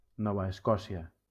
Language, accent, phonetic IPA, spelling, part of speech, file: Catalan, Valencia, [ˈnɔ.va esˈkɔ.si.a], Nova Escòcia, proper noun, LL-Q7026 (cat)-Nova Escòcia.wav
- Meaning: Nova Scotia (a province in eastern Canada)